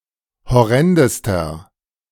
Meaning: inflection of horrend: 1. strong/mixed nominative masculine singular superlative degree 2. strong genitive/dative feminine singular superlative degree 3. strong genitive plural superlative degree
- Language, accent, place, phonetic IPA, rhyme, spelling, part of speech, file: German, Germany, Berlin, [hɔˈʁɛndəstɐ], -ɛndəstɐ, horrendester, adjective, De-horrendester.ogg